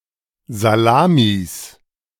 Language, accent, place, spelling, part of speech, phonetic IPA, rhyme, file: German, Germany, Berlin, Salamis, noun, [zaˈlaːmis], -aːmis, De-Salamis.ogg
- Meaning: plural of Salami